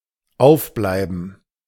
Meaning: 1. to wake; to stay awake; to stay up 2. to remain open
- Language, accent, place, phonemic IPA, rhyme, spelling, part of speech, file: German, Germany, Berlin, /ˈaʊ̯fˌblaɪ̯bən/, -aɪ̯bən, aufbleiben, verb, De-aufbleiben.ogg